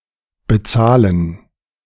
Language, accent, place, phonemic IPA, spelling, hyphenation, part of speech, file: German, Germany, Berlin, /bəˈtsaːlən/, bezahlen, be‧zah‧len, verb, De-bezahlen.ogg
- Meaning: to pay, give money: 1. to pay, to balance a bill 2. to pay a sum of money 3. to pay for an item 4. to pay 5. to pay someone